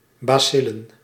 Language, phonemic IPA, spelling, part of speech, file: Dutch, /baˈsɪlə(n)/, bacillen, noun, Nl-bacillen.ogg
- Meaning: plural of bacil